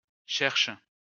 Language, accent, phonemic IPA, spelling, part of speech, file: French, France, /ʃɛʁʃ/, cherche, verb, LL-Q150 (fra)-cherche.wav
- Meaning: inflection of chercher: 1. first/third-person singular present indicative/subjunctive 2. second-person singular imperative